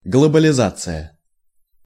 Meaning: globalisation
- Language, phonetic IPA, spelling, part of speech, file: Russian, [ɡɫəbəlʲɪˈzat͡sɨjə], глобализация, noun, Ru-глобализация.ogg